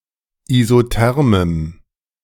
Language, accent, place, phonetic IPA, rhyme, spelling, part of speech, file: German, Germany, Berlin, [izoˈtɛʁməm], -ɛʁməm, isothermem, adjective, De-isothermem.ogg
- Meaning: strong dative masculine/neuter singular of isotherm